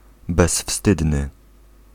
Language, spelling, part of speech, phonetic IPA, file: Polish, bezwstydny, adjective, [bɛsˈfstɨdnɨ], Pl-bezwstydny.ogg